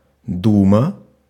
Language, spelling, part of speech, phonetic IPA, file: Russian, дума, noun, [ˈdumə], Ru-дума.ogg
- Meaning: 1. thought, meditation 2. duma (Russian legislature)